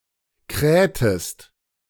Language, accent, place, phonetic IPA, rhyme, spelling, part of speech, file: German, Germany, Berlin, [ˈkʁɛːtəst], -ɛːtəst, krähtest, verb, De-krähtest.ogg
- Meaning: inflection of krähen: 1. second-person singular preterite 2. second-person singular subjunctive II